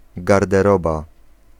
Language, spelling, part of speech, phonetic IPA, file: Polish, garderoba, noun, [ˌɡardɛˈrɔba], Pl-garderoba.ogg